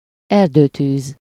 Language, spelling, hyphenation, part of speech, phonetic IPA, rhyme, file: Hungarian, erdőtűz, er‧dő‧tűz, noun, [ˈɛrdøːtyːz], -yːz, Hu-erdőtűz.ogg
- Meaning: forest fire